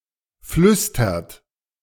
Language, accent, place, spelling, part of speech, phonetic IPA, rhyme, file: German, Germany, Berlin, flüstert, verb, [ˈflʏstɐt], -ʏstɐt, De-flüstert.ogg
- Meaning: inflection of flüstern: 1. third-person singular present 2. second-person plural present 3. plural imperative